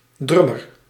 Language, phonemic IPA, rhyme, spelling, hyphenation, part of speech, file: Dutch, /ˈdrʏ.mər/, -ʏmər, drummer, drum‧mer, noun, Nl-drummer.ogg
- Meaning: drummer (especially one who plays a drum kit)